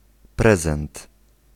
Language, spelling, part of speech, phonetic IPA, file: Polish, prezent, noun, [ˈprɛzɛ̃nt], Pl-prezent.ogg